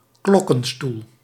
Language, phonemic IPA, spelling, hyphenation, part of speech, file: Dutch, /ˈklɔ.kə(n)ˌstul/, klokkenstoel, klok‧ken‧stoel, noun, Nl-klokkenstoel.ogg
- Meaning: bell frame (frame for suspending bells, as part of a building or as a separate structure)